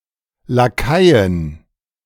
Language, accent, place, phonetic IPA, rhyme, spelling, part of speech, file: German, Germany, Berlin, [laˈkaɪ̯ən], -aɪ̯ən, Lakaien, noun, De-Lakaien.ogg
- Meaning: 1. genitive singular of Lakai 2. plural of Lakai